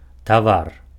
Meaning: 1. commodity 2. goods
- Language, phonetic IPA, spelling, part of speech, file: Belarusian, [taˈvar], тавар, noun, Be-тавар.ogg